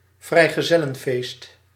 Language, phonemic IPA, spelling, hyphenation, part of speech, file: Dutch, /vrɛi̯.ɣəˈzɛ.lə(n)ˌfeːst/, vrijgezellenfeest, vrij‧ge‧zel‧len‧feest, noun, Nl-vrijgezellenfeest.ogg
- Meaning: bachelor party, bachelorette party